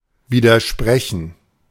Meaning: 1. to object; to disagree 2. to contradict 3. to be contradictory
- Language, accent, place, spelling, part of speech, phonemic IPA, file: German, Germany, Berlin, widersprechen, verb, /ˌviːdɐˈʃpʁɛçn̩/, De-widersprechen.ogg